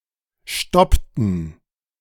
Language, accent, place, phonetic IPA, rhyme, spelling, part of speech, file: German, Germany, Berlin, [ˈʃtɔptn̩], -ɔptn̩, stoppten, verb, De-stoppten.ogg
- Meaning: inflection of stoppen: 1. first/third-person plural preterite 2. first/third-person plural subjunctive II